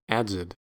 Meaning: 1. simple past and past participle of adze 2. simple past and past participle of adz
- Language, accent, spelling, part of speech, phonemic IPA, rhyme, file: English, US, adzed, verb, /ˈæd.zəd/, -ædzəd, En-us-adzed.ogg